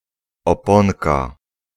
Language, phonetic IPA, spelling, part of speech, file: Polish, [ɔˈpɔ̃nka], oponka, noun, Pl-oponka.ogg